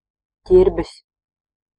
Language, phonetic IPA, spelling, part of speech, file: Latvian, [ˈcīɾbis], ķirbis, noun, Lv-ķirbis.ogg
- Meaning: 1. pumpkin, squash, gourd (plants; fam. Cucurbitaceae) 2. pumpkin, squash, gourd (fruit of the corresponding plants)